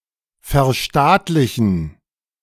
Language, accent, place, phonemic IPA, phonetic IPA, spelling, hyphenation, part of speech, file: German, Germany, Berlin, /fɛʁˈʃtaːtlɪçən/, [fɛɐ̯ˈʃtaːtlɪçn̩], verstaatlichen, ver‧staat‧li‧chen, verb, De-verstaatlichen2.ogg
- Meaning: to nationalize, to socialize